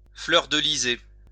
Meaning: to decorate with fleurs-de-lys
- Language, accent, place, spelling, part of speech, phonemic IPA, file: French, France, Lyon, fleurdelyser, verb, /flœʁ.də.li.ze/, LL-Q150 (fra)-fleurdelyser.wav